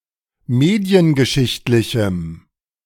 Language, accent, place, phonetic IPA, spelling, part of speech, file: German, Germany, Berlin, [ˈmeːdi̯ənɡəˌʃɪçtlɪçm̩], mediengeschichtlichem, adjective, De-mediengeschichtlichem.ogg
- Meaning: strong dative masculine/neuter singular of mediengeschichtlich